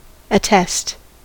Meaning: 1. To affirm to be correct, true, or genuine 2. To certify by signature or oath 3. To certify in an official capacity 4. To supply or be evidence of 5. To put under oath
- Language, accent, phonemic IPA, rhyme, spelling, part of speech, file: English, US, /əˈtɛst/, -ɛst, attest, verb, En-us-attest.ogg